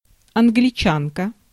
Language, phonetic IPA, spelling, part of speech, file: Russian, [ɐnɡlʲɪˈt͡ɕankə], англичанка, noun, Ru-англичанка.ogg
- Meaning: female equivalent of англича́нин (angličánin): Englishwoman, English woman